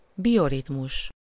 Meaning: biorhythm
- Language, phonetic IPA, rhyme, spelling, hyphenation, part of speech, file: Hungarian, [ˈbijoritmuʃ], -uʃ, bioritmus, bio‧rit‧mus, noun, Hu-bioritmus.ogg